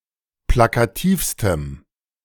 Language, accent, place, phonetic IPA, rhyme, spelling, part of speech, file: German, Germany, Berlin, [ˌplakaˈtiːfstəm], -iːfstəm, plakativstem, adjective, De-plakativstem.ogg
- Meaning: strong dative masculine/neuter singular superlative degree of plakativ